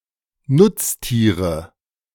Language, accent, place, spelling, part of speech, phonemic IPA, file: German, Germany, Berlin, Nutztiere, noun, /ˈnʊtstiːʁə/, De-Nutztiere.ogg
- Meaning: 1. nominative plural of Nutztier 2. genitive plural of Nutztier 3. accusative plural of Nutztier